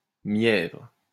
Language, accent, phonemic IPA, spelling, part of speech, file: French, France, /mjɛvʁ/, mièvre, adjective, LL-Q150 (fra)-mièvre.wav
- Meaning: soppy (sickly sentimental)